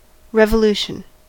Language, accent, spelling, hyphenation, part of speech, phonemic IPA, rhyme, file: English, US, revolution, re‧vo‧lu‧tion, noun, /ˌɹɛv.əˈluː.ʃən/, -uːʃən, En-us-revolution.ogg
- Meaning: 1. A political upheaval in a government or state characterized by great change 2. The popular removal and replacement of a government, especially by sudden violent action